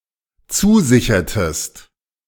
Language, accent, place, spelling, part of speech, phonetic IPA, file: German, Germany, Berlin, zusichertest, verb, [ˈt͡suːˌzɪçɐtəst], De-zusichertest.ogg
- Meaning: inflection of zusichern: 1. second-person singular dependent preterite 2. second-person singular dependent subjunctive II